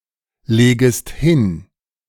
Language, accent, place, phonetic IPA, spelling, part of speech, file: German, Germany, Berlin, [ˌleːɡəst ˈhɪn], legest hin, verb, De-legest hin.ogg
- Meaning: second-person singular subjunctive I of hinlegen